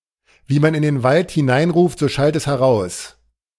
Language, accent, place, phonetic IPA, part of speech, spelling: German, Germany, Berlin, [viː man ɪn deːn valt hɪˈnaɪ̯nˌʁuːft zoː ʃalt ɛs hɛɐ̯ˌʁaʊ̯s], phrase, wie man in den Wald hineinruft, so schallt es heraus
- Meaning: what goes around comes around; one is treated the same way as one treats other people; your own treatment of people will fall back on you